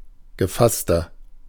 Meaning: inflection of gefasst: 1. strong/mixed nominative masculine singular 2. strong genitive/dative feminine singular 3. strong genitive plural
- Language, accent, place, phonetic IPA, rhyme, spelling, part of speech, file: German, Germany, Berlin, [ɡəˈfastɐ], -astɐ, gefasster, adjective, De-gefasster.ogg